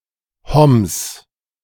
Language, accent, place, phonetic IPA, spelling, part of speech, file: German, Germany, Berlin, [hɔms], Homs, proper noun, De-Homs.ogg
- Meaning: 1. Homs (a city, the capital of the governorate of Homs, in western Syria) 2. Homs (a governorate in western Syria)